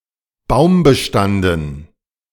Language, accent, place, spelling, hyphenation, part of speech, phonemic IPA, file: German, Germany, Berlin, baumbestanden, baum‧be‧stan‧den, adjective, /ˈbaʊ̯mbəˌʃtandn̩/, De-baumbestanden.ogg
- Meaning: tree-covered